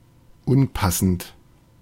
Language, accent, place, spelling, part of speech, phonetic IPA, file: German, Germany, Berlin, unpassend, adjective, [ˈʊnˌpasn̩t], De-unpassend.ogg
- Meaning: improper; unsuitable to needs or circumstances